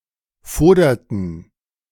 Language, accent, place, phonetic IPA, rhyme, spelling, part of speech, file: German, Germany, Berlin, [ˈfoːdɐtn̩], -oːdɐtn̩, foderten, verb, De-foderten.ogg
- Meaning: inflection of fodern: 1. first/third-person plural preterite 2. first/third-person plural subjunctive II